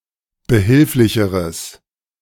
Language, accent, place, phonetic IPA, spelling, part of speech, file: German, Germany, Berlin, [bəˈhɪlflɪçəʁəs], behilflicheres, adjective, De-behilflicheres.ogg
- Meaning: strong/mixed nominative/accusative neuter singular comparative degree of behilflich